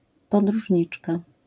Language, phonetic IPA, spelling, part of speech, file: Polish, [ˌpɔdruʒʲˈɲit͡ʃka], podróżniczka, noun, LL-Q809 (pol)-podróżniczka.wav